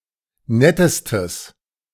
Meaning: strong/mixed nominative/accusative neuter singular superlative degree of nett
- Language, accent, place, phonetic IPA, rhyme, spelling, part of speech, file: German, Germany, Berlin, [ˈnɛtəstəs], -ɛtəstəs, nettestes, adjective, De-nettestes.ogg